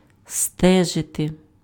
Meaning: to watch, to track, to keep track (of), to keep a close watch (on), keep an eye on, to keep tabs on, to follow (+ за (za) + instrumental)
- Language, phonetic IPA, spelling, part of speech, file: Ukrainian, [ˈstɛʒete], стежити, verb, Uk-стежити.ogg